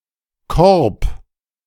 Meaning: 1. basket, creel 2. basket, creel: hoop 3. basket, creel: anthodium (inflorescence of a compound flower) 4. basket, creel: nacelle 5. a variety, selection, range
- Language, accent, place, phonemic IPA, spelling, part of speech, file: German, Germany, Berlin, /kɔrp/, Korb, noun, De-Korb.ogg